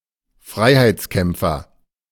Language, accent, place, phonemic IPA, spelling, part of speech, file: German, Germany, Berlin, /ˈfʁaɪ̯haɪ̯tsˌkɛmpfɐ/, Freiheitskämpfer, noun, De-Freiheitskämpfer.ogg
- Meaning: freedom fighter (male or of unspecified gender)